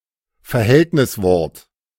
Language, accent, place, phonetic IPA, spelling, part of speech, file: German, Germany, Berlin, [fɛɐ̯ˈhɛltnɪsˌvɔɐ̯t], Verhältniswort, noun, De-Verhältniswort.ogg
- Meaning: preposition, adposition